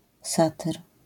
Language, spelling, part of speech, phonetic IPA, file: Polish, satyr, noun, [ˈsatɨr], LL-Q809 (pol)-satyr.wav